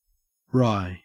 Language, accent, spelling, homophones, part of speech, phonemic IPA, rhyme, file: English, Australia, wry, rye, adjective / verb / noun, /ɹaɪ/, -aɪ, En-au-wry.ogg
- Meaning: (adjective) 1. Turned away, contorted (of the face or body) 2. Dryly humorous; sardonic or ironic, usually in a way that suggests acknowledgement of a problem or difficult situation